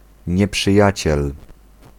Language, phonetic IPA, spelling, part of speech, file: Polish, [ˌɲɛpʃɨˈjät͡ɕɛl], nieprzyjaciel, noun, Pl-nieprzyjaciel.ogg